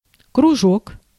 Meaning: 1. circle, ring 2. circle, study group, interest group 3. kroužek
- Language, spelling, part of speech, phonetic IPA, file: Russian, кружок, noun, [krʊˈʐok], Ru-кружок.ogg